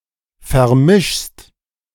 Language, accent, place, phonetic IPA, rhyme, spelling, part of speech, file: German, Germany, Berlin, [fɛɐ̯ˈmɪʃst], -ɪʃst, vermischst, verb, De-vermischst.ogg
- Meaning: second-person singular present of vermischen